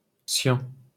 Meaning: cyan (vibrant pale greenish-blue colour between blue and green in the visible spectrum)
- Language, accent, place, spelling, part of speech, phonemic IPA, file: French, France, Paris, cyan, noun, /sjɑ̃/, LL-Q150 (fra)-cyan.wav